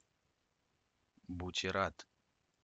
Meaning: 1. butyrate, butanoate 2. sodium oxybate
- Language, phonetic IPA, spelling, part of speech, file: Russian, [bʊtʲɪˈrat], бутират, noun, Ru-Butirat.ogg